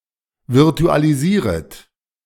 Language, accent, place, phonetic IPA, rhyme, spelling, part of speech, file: German, Germany, Berlin, [vɪʁtualiˈziːʁət], -iːʁət, virtualisieret, verb, De-virtualisieret.ogg
- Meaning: second-person plural subjunctive I of virtualisieren